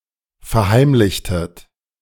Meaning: inflection of verheimlichen: 1. second-person plural preterite 2. second-person plural subjunctive II
- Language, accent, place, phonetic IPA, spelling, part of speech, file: German, Germany, Berlin, [fɛɐ̯ˈhaɪ̯mlɪçtət], verheimlichtet, verb, De-verheimlichtet.ogg